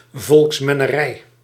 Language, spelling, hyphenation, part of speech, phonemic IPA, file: Dutch, volksmennerij, volks‧men‧ne‧rij, noun, /ˌvɔlks.mɛ.nəˈrɛi̯/, Nl-volksmennerij.ogg
- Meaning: demagoguery